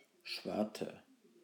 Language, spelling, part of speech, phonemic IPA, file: German, Schwarte, noun, /ˈʃvartə/, De-Schwarte.ogg
- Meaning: 1. pork rind 2. tome (big book)